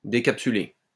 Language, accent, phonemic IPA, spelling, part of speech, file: French, France, /de.kap.sy.le/, décapsuler, verb, LL-Q150 (fra)-décapsuler.wav
- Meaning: to take or remove the lid or top off something, uncap; open the cap of a bottle